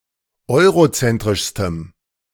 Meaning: strong dative masculine/neuter singular superlative degree of eurozentrisch
- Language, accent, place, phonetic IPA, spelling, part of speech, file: German, Germany, Berlin, [ˈɔɪ̯ʁoˌt͡sɛntʁɪʃstəm], eurozentrischstem, adjective, De-eurozentrischstem.ogg